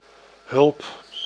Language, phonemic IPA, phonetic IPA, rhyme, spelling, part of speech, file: Dutch, /ɦʏlp/, [ɦʏɫp], -ʏlp, hulp, noun, Nl-hulp.ogg
- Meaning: 1. help, assistance, rescue 2. helper, aide, assistant, sidekick (also in the masculine gender)